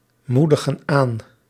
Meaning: inflection of aanmoedigen: 1. plural present indicative 2. plural present subjunctive
- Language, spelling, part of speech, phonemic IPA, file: Dutch, moedigen aan, verb, /ˈmudəɣə(n) ˈan/, Nl-moedigen aan.ogg